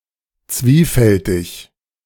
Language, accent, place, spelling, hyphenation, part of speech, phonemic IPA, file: German, Germany, Berlin, zwiefältig, zwie‧fäl‧tig, adjective, /ˈt͡sviːfɛltɪç/, De-zwiefältig.ogg
- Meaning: double